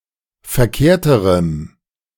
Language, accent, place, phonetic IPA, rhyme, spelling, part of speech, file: German, Germany, Berlin, [fɛɐ̯ˈkeːɐ̯təʁəm], -eːɐ̯təʁəm, verkehrterem, adjective, De-verkehrterem.ogg
- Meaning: strong dative masculine/neuter singular comparative degree of verkehrt